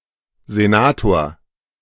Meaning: senator (member in the house or chamber of a legislature called a senate, or of the executive branch of city government in Berlin, Bremen, and Hamburg)
- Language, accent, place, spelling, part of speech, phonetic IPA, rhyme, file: German, Germany, Berlin, Senator, noun, [zeˈnaːtoːɐ̯], -aːtoːɐ̯, De-Senator.ogg